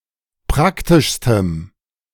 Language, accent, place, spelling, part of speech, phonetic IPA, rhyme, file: German, Germany, Berlin, praktischstem, adjective, [ˈpʁaktɪʃstəm], -aktɪʃstəm, De-praktischstem.ogg
- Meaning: strong dative masculine/neuter singular superlative degree of praktisch